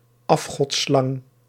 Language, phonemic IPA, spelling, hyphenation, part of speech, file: Dutch, /ˈɑf.xɔtˌslɑŋ/, afgodsslang, af‧gods‧slang, noun, Nl-afgodsslang.ogg
- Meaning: alternative spelling of afgodslang